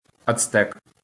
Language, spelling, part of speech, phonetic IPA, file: Ukrainian, ацтек, noun, [ɐt͡sˈtɛk], LL-Q8798 (ukr)-ацтек.wav
- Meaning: Aztec